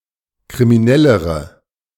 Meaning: inflection of kriminell: 1. strong/mixed nominative/accusative feminine singular comparative degree 2. strong nominative/accusative plural comparative degree
- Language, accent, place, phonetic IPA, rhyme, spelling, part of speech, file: German, Germany, Berlin, [kʁimiˈnɛləʁə], -ɛləʁə, kriminellere, adjective, De-kriminellere.ogg